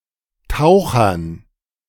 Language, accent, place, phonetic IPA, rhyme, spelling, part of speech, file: German, Germany, Berlin, [ˈtaʊ̯xɐn], -aʊ̯xɐn, Tauchern, noun, De-Tauchern.ogg
- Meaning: dative plural of Taucher